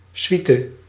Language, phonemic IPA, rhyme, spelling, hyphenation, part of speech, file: Dutch, /ˈsʋi.tə/, -itə, suite, sui‧te, noun, Nl-suite.ogg
- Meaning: 1. suite (group of interconnected rooms) 2. suite (music piece)